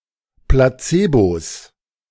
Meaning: plural of Placebo
- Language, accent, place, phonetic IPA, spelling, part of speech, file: German, Germany, Berlin, [plaˈt͡seːbos], Placebos, noun, De-Placebos.ogg